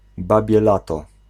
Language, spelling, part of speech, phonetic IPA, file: Polish, babie lato, noun, [ˈbabʲjɛ ˈlatɔ], Pl-babie lato.ogg